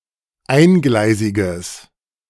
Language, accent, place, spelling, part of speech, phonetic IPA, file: German, Germany, Berlin, eingleisiges, adjective, [ˈaɪ̯nˌɡlaɪ̯zɪɡəs], De-eingleisiges.ogg
- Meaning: strong/mixed nominative/accusative neuter singular of eingleisig